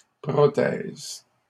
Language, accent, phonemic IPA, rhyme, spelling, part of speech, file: French, Canada, /pʁɔ.tɛz/, -ɛz, prothèse, noun, LL-Q150 (fra)-prothèse.wav
- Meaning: 1. prosthesis (artificial replacement for a body part) 2. prothesis